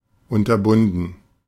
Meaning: past participle of unterbinden
- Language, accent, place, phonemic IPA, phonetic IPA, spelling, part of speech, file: German, Germany, Berlin, /ʊntɐˈbʊndən/, [ʊntɐˈbʊndn̩], unterbunden, verb, De-unterbunden.ogg